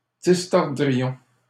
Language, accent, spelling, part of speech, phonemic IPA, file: French, Canada, distordrions, verb, /dis.tɔʁ.dʁi.jɔ̃/, LL-Q150 (fra)-distordrions.wav
- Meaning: first-person plural conditional of distordre